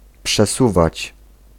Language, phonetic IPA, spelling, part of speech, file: Polish, [pʃɛˈsuvat͡ɕ], przesuwać, verb, Pl-przesuwać.ogg